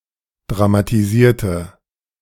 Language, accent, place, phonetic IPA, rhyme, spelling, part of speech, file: German, Germany, Berlin, [dʁamatiˈziːɐ̯tə], -iːɐ̯tə, dramatisierte, adjective / verb, De-dramatisierte.ogg
- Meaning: inflection of dramatisieren: 1. first/third-person singular preterite 2. first/third-person singular subjunctive II